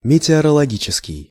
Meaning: meteorological
- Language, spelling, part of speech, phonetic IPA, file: Russian, метеорологический, adjective, [mʲɪtʲɪərəɫɐˈɡʲit͡ɕɪskʲɪj], Ru-метеорологический.ogg